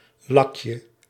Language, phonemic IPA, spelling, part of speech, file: Dutch, /ˈlɑkjə/, lakje, noun, Nl-lakje.ogg
- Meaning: diminutive of lak